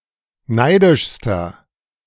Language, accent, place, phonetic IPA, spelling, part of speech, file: German, Germany, Berlin, [ˈnaɪ̯dɪʃstɐ], neidischster, adjective, De-neidischster.ogg
- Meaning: inflection of neidisch: 1. strong/mixed nominative masculine singular superlative degree 2. strong genitive/dative feminine singular superlative degree 3. strong genitive plural superlative degree